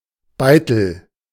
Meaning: chisel, wood chisel (a tool for caving wood, etc.)
- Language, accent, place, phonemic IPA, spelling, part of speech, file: German, Germany, Berlin, /ˈbaɪ̯təl/, Beitel, noun, De-Beitel.ogg